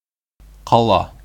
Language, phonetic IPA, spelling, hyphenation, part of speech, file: Bashkir, [qɑˈɫɑ], ҡала, ҡа‧ла, noun, Ba-ҡала.ogg
- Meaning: city, town